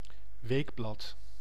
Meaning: weekly (publication that is published once a week)
- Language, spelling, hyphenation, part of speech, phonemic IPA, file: Dutch, weekblad, week‧blad, noun, /ˈʋeːk.blɑt/, Nl-weekblad.ogg